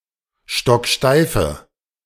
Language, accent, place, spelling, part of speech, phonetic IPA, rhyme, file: German, Germany, Berlin, stocksteife, adjective, [ˌʃtɔkˈʃtaɪ̯fə], -aɪ̯fə, De-stocksteife.ogg
- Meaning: inflection of stocksteif: 1. strong/mixed nominative/accusative feminine singular 2. strong nominative/accusative plural 3. weak nominative all-gender singular